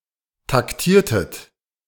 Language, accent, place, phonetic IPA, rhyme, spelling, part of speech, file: German, Germany, Berlin, [takˈtiːɐ̯tət], -iːɐ̯tət, taktiertet, verb, De-taktiertet.ogg
- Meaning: inflection of taktieren: 1. second-person plural preterite 2. second-person plural subjunctive II